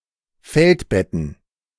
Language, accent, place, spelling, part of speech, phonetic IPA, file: German, Germany, Berlin, Feldbetten, noun, [ˈfɛltˌbɛtn̩], De-Feldbetten.ogg
- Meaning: plural of Feldbett